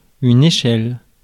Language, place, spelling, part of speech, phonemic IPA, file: French, Paris, échelle, noun, /e.ʃɛl/, Fr-échelle.ogg
- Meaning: 1. ladder 2. scale, proportion, size 3. scale